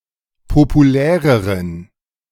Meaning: inflection of populär: 1. strong genitive masculine/neuter singular comparative degree 2. weak/mixed genitive/dative all-gender singular comparative degree
- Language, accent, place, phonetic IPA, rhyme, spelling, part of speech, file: German, Germany, Berlin, [popuˈlɛːʁəʁən], -ɛːʁəʁən, populäreren, adjective, De-populäreren.ogg